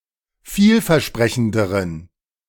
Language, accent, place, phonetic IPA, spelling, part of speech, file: German, Germany, Berlin, [ˈfiːlfɛɐ̯ˌʃpʁɛçn̩dəʁən], vielversprechenderen, adjective, De-vielversprechenderen.ogg
- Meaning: inflection of vielversprechend: 1. strong genitive masculine/neuter singular comparative degree 2. weak/mixed genitive/dative all-gender singular comparative degree